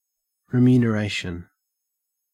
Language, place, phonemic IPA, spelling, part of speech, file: English, Queensland, /ɹɪˌmjʉː.nəˈɹæɪ.ʃən/, remuneration, noun, En-au-remuneration.ogg
- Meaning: 1. Something given in exchange for goods or services rendered 2. A payment for work done; wages, salary, emolument 3. A recompense for a loss; compensation